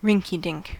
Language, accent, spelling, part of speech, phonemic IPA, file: English, General American, rinky-dink, noun / adjective, /ˈɹɪŋkiˌdɪŋk/, En-us-rinky-dink.ogg
- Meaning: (noun) A person who is contemptible or insignificant.: 1. An amateur or someone who is underqualified 2. Someone who operates unethically; specifically, a small-time conman or crook